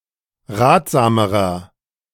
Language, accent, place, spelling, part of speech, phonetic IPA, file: German, Germany, Berlin, ratsamerer, adjective, [ˈʁaːtz̥aːməʁɐ], De-ratsamerer.ogg
- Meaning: inflection of ratsam: 1. strong/mixed nominative masculine singular comparative degree 2. strong genitive/dative feminine singular comparative degree 3. strong genitive plural comparative degree